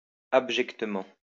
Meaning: in manner worthy of absolute contempt or disgust
- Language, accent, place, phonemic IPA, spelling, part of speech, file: French, France, Lyon, /ab.ʒɛk.tə.mɑ̃/, abjectement, adverb, LL-Q150 (fra)-abjectement.wav